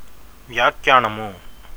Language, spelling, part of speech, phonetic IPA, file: Telugu, వచనము, noun, [ʋatʃanamu], Te-వచనము.ogg
- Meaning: 1. speech, speaking 2. word 3. sentence 4. dictum, an aphorism, a rule 5. prose (as distinguished from metre) 6. number